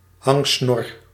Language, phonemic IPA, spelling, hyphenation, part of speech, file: Dutch, /ˈɦɑŋ.snɔr/, hangsnor, hang‧snor, noun, Nl-hangsnor.ogg
- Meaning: a droopy moustache that somewhat exceeds the width of the lips